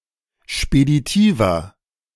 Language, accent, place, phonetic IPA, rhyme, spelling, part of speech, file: German, Germany, Berlin, [ʃpediˈtiːvɐ], -iːvɐ, speditiver, adjective, De-speditiver.ogg
- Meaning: inflection of speditiv: 1. strong/mixed nominative masculine singular 2. strong genitive/dative feminine singular 3. strong genitive plural